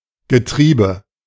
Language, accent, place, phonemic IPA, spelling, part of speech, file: German, Germany, Berlin, /ɡəˈtʁiːbə/, Getriebe, noun, De-Getriebe.ogg
- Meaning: 1. gear, gears, transmission 2. entirety of the actions of a group